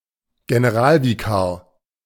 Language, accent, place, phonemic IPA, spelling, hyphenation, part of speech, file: German, Germany, Berlin, /ɡenəˈʁaːlviˌkaːɐ̯/, Generalvikar, Ge‧ne‧ral‧vi‧kar, noun, De-Generalvikar.ogg
- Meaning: vicar general